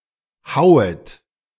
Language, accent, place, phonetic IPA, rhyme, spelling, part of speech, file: German, Germany, Berlin, [ˈhaʊ̯ət], -aʊ̯ət, hauet, verb, De-hauet.ogg
- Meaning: second-person plural subjunctive I of hauen